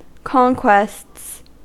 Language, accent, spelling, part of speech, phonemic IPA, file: English, US, conquests, noun / verb, /ˈkɒŋ.kwests/, En-us-conquests.ogg
- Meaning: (noun) plural of conquest; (verb) third-person singular simple present indicative of conquest